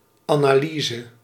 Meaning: 1. analysis (action of taking something apart to study it) 2. analysis (mathematical study of functions, sequences, series, limits, derivatives and integrals)
- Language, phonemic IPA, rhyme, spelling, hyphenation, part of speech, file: Dutch, /aːnaːˈliːzə/, -iːzə, analyse, ana‧ly‧se, noun, Nl-analyse.ogg